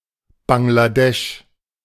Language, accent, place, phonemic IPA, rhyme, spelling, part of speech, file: German, Germany, Berlin, /ˌbaŋlaˈdɛʃ/, -ɛʃ, Bangladesch, proper noun, De-Bangladesch.ogg
- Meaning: Bangladesh (a country in South Asia)